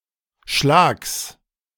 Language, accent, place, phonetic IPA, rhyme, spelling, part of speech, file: German, Germany, Berlin, [ʃlaːks], -aːks, Schlags, noun, De-Schlags.ogg
- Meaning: genitive singular of Schlag